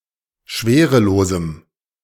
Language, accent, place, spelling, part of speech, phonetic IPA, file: German, Germany, Berlin, schwerelosem, adjective, [ˈʃveːʁəˌloːzm̩], De-schwerelosem.ogg
- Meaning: strong dative masculine/neuter singular of schwerelos